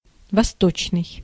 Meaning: 1. east, eastern 2. oriental
- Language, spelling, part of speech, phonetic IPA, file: Russian, восточный, adjective, [vɐˈstot͡ɕnɨj], Ru-восточный.ogg